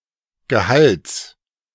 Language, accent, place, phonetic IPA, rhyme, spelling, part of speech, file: German, Germany, Berlin, [ɡəˈhalt͡s], -alt͡s, Gehalts, noun, De-Gehalts.ogg
- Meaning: genitive singular of Gehalt